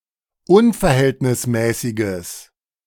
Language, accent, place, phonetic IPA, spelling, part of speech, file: German, Germany, Berlin, [ˈʊnfɛɐ̯ˌhɛltnɪsmɛːsɪɡəs], unverhältnismäßiges, adjective, De-unverhältnismäßiges.ogg
- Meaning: strong/mixed nominative/accusative neuter singular of unverhältnismäßig